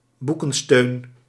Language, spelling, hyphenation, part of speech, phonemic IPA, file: Dutch, boekensteun, boe‧ken‧steun, noun, /ˈbu.kə(n)ˌstøːn/, Nl-boekensteun.ogg
- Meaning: a bookend